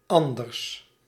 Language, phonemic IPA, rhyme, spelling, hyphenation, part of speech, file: Dutch, /ˈɑn.dərs/, -ɑndərs, anders, an‧ders, adjective / adverb, Nl-anders.ogg
- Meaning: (adjective) 1. predicative of ander 2. partitive of ander; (adverb) 1. otherwise 2. differently